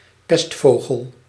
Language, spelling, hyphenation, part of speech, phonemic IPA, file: Dutch, pestvogel, pest‧vo‧gel, noun, /ˈpɛstˌvoː.ɣəl/, Nl-pestvogel.ogg
- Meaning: 1. Bohemian waxwing (Bombycilla garrulus) 2. a waxwing, any bird of the genus Bombycilla